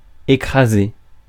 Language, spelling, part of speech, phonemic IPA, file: French, écraser, verb, /e.kʁa.ze/, Fr-écraser.ogg
- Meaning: 1. to squash 2. to obliterate 3. to mash (vegetables), to crush (garlic) 4. to thrash, to crush, to win by a large margin 5. to shut up 6. to crash 7. to overwrite